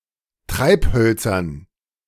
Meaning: dative plural of Treibholz
- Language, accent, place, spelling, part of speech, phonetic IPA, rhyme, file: German, Germany, Berlin, Treibhölzern, noun, [ˈtʁaɪ̯pˌhœlt͡sɐn], -aɪ̯phœlt͡sɐn, De-Treibhölzern.ogg